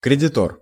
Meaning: creditor, mortgagee
- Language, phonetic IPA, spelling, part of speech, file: Russian, [krʲɪdʲɪˈtor], кредитор, noun, Ru-кредитор.ogg